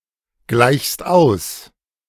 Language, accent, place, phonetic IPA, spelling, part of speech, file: German, Germany, Berlin, [ˌɡlaɪ̯çst ˈaʊ̯s], gleichst aus, verb, De-gleichst aus.ogg
- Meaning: second-person singular present of ausgleichen